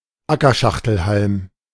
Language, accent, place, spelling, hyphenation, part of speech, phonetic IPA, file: German, Germany, Berlin, Ackerschachtelhalm, Acker‧schach‧tel‧halm, noun, [ˈakɐˌʃaxtl̩halm], De-Ackerschachtelhalm.ogg
- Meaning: field horsetail (Equisetum arvense)